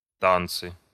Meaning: nominative/accusative plural of та́нец (tánec)
- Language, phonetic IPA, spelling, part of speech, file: Russian, [ˈtant͡sɨ], танцы, noun, Ru-танцы.ogg